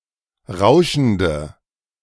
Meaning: inflection of rauschend: 1. strong/mixed nominative/accusative feminine singular 2. strong nominative/accusative plural 3. weak nominative all-gender singular
- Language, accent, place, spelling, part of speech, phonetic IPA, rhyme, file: German, Germany, Berlin, rauschende, adjective, [ˈʁaʊ̯ʃn̩də], -aʊ̯ʃn̩də, De-rauschende.ogg